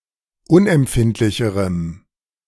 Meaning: strong dative masculine/neuter singular comparative degree of unempfindlich
- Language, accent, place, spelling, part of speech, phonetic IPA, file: German, Germany, Berlin, unempfindlicherem, adjective, [ˈʊnʔɛmˌpfɪntlɪçəʁəm], De-unempfindlicherem.ogg